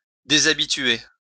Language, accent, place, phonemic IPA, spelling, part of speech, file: French, France, Lyon, /de.za.bi.tɥe/, déshabituer, verb, LL-Q150 (fra)-déshabituer.wav
- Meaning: to rid of a habit